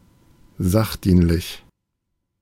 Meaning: pertinent, relevant, helpful
- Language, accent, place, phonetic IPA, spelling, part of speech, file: German, Germany, Berlin, [ˈzaxˌdiːnlɪç], sachdienlich, adjective, De-sachdienlich.ogg